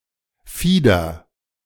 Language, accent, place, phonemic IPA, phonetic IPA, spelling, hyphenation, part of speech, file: German, Germany, Berlin, /ˈfiːdəʁ/, [ˈfiːdɐ], Fieder, Fie‧der, noun, De-Fieder.ogg
- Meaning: 1. pinna (leaflet of a pinnate compound leaf) 2. small feather